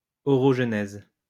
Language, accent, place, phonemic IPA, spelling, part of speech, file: French, France, Lyon, /ɔ.ʁɔʒ.nɛz/, orogenèse, noun, LL-Q150 (fra)-orogenèse.wav
- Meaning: orogenesis